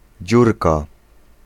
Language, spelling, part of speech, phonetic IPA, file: Polish, dziurka, noun, [ˈd͡ʑurka], Pl-dziurka.ogg